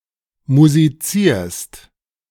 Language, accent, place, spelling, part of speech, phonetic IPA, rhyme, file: German, Germany, Berlin, musizierst, verb, [muziˈt͡siːɐ̯st], -iːɐ̯st, De-musizierst.ogg
- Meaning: second-person singular present of musizieren